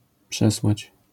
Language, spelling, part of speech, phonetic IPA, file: Polish, przesłać, verb, [ˈpʃɛswat͡ɕ], LL-Q809 (pol)-przesłać.wav